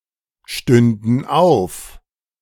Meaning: first/third-person plural subjunctive II of aufstehen
- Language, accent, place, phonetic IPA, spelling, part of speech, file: German, Germany, Berlin, [ˌʃtʏndn̩ ˈaʊ̯f], stünden auf, verb, De-stünden auf.ogg